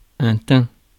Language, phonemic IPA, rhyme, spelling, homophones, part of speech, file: French, /tɛ̃/, -ɛ̃, teint, tain / teins / thym / tins / tint / tînt, verb / adjective / noun, Fr-teint.ogg
- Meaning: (verb) 1. past participle of teindre 2. third-person singular present indicative of teindre; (adjective) dyed; tinted; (noun) tint